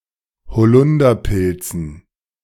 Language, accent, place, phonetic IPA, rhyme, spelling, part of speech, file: German, Germany, Berlin, [bəˈt͡sɪçtɪɡə], -ɪçtɪɡə, bezichtige, verb, De-bezichtige.ogg
- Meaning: inflection of bezichtigen: 1. first-person singular present 2. first/third-person singular subjunctive I 3. singular imperative